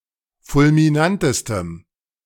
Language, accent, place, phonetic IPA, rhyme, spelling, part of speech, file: German, Germany, Berlin, [fʊlmiˈnantəstəm], -antəstəm, fulminantestem, adjective, De-fulminantestem.ogg
- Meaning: strong dative masculine/neuter singular superlative degree of fulminant